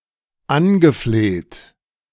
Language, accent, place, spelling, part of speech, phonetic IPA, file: German, Germany, Berlin, angefleht, verb, [ˈanɡəˌfleːt], De-angefleht.ogg
- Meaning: past participle of anflehen